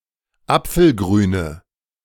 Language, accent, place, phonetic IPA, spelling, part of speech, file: German, Germany, Berlin, [ˈap͡fl̩ˌɡʁyːnə], apfelgrüne, adjective, De-apfelgrüne.ogg
- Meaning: inflection of apfelgrün: 1. strong/mixed nominative/accusative feminine singular 2. strong nominative/accusative plural 3. weak nominative all-gender singular